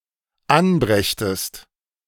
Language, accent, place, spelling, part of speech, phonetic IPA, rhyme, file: German, Germany, Berlin, anbrächtest, verb, [ˈanˌbʁɛçtəst], -anbʁɛçtəst, De-anbrächtest.ogg
- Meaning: second-person singular dependent subjunctive II of anbringen